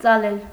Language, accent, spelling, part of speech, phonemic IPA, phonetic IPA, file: Armenian, Eastern Armenian, ծալել, verb, /t͡sɑˈlel/, [t͡sɑlél], Hy-ծալել.ogg
- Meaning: 1. to fold, furl, crease 2. to bend, flex 3. to overcome, overpower, conquer